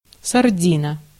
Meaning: sardine, pilchard
- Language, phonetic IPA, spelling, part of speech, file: Russian, [sɐrˈdʲinə], сардина, noun, Ru-сардина.ogg